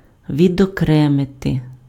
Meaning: 1. to isolate, to separate, to segregate, to set apart 2. to insulate
- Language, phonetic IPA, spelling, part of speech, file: Ukrainian, [ʋʲidɔˈkrɛmete], відокремити, verb, Uk-відокремити.ogg